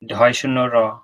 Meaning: The 45th character in the Bengali abugida
- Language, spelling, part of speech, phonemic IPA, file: Bengali, ঢ়, character, /ɾ̠ʱɔ/, Bn-ঢ়.ogg